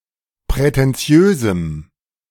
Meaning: strong dative masculine/neuter singular of prätentiös
- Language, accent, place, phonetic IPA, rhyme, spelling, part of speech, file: German, Germany, Berlin, [pʁɛtɛnˈt͡si̯øːzm̩], -øːzm̩, prätentiösem, adjective, De-prätentiösem.ogg